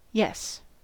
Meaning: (particle) 1. Used to show agreement or acceptance 2. Used to indicate disagreement or dissent in reply to a negative statement
- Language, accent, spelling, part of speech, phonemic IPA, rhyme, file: English, US, yes, particle / interjection / noun / verb / determiner, /jɛs/, -ɛs, En-us-yes.ogg